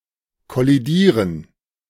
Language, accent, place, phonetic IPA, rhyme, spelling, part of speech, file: German, Germany, Berlin, [kɔliˈdiːʁən], -iːʁən, kollidieren, verb, De-kollidieren.ogg
- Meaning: to collide